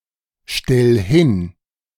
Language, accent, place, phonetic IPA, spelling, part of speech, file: German, Germany, Berlin, [ˌʃtɛl ˈhɪn], stell hin, verb, De-stell hin.ogg
- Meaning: 1. singular imperative of hinstellen 2. first-person singular present of hinstellen